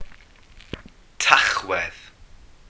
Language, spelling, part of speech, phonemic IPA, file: Welsh, Tachwedd, proper noun, /ˈtaχwɛð/, Cy-Tachwedd.ogg
- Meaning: November